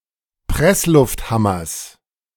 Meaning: genitive singular of Presslufthammer
- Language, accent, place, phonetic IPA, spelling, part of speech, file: German, Germany, Berlin, [ˈpʁɛslʊftˌhamɐs], Presslufthammers, noun, De-Presslufthammers.ogg